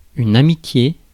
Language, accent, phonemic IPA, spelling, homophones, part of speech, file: French, France, /a.mi.tje/, amitié, amitiés, noun, Fr-amitié.ogg
- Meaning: friendship, amity